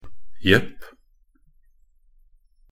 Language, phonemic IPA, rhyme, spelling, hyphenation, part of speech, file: Norwegian Bokmål, /jɛpː/, -ɛpː, jepp, jepp, interjection, Nb-jepp.ogg
- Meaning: 1. yep, yes, sure, of course; used as an affirmative answer 2. yes, yep; used as jo (“yes”), especially as an affirmative answer to a negative question